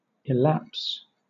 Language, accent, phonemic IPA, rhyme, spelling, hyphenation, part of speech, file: English, Southern England, /ɪˈlæps/, -æps, illapse, il‧lapse, noun / verb, LL-Q1860 (eng)-illapse.wav
- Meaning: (noun) 1. A gliding in; an immission or entrance of one thing into another 2. A sudden descent or attack; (verb) Usually followed by into: to fall or glide; to pass